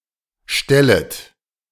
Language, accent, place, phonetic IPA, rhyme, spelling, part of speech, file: German, Germany, Berlin, [ˈʃtɛlət], -ɛlət, stellet, verb, De-stellet.ogg
- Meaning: second-person plural subjunctive I of stellen